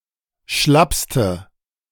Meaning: inflection of schlapp: 1. strong/mixed nominative/accusative feminine singular superlative degree 2. strong nominative/accusative plural superlative degree
- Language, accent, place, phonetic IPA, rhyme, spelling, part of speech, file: German, Germany, Berlin, [ˈʃlapstə], -apstə, schlappste, adjective, De-schlappste.ogg